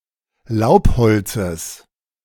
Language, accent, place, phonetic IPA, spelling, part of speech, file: German, Germany, Berlin, [ˈlaʊ̯pˌhɔlt͡səs], Laubholzes, noun, De-Laubholzes.ogg
- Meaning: genitive singular of Laubholz